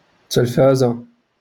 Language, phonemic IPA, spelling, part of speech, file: Moroccan Arabic, /tal.fa.za/, تلفزة, noun, LL-Q56426 (ary)-تلفزة.wav
- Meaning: television, TV